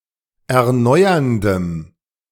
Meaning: strong dative masculine/neuter singular of erneuernd
- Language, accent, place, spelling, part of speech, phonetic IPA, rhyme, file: German, Germany, Berlin, erneuerndem, adjective, [ɛɐ̯ˈnɔɪ̯ɐndəm], -ɔɪ̯ɐndəm, De-erneuerndem.ogg